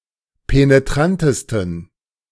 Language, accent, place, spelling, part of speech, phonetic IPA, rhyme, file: German, Germany, Berlin, penetrantesten, adjective, [peneˈtʁantəstn̩], -antəstn̩, De-penetrantesten.ogg
- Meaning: 1. superlative degree of penetrant 2. inflection of penetrant: strong genitive masculine/neuter singular superlative degree